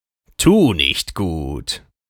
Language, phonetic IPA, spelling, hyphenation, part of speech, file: German, [ˈtuːniçtɡuːt], Tunichtgut, Tu‧nicht‧gut, noun, De-Tunichtgut.ogg
- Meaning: ne'er-do-well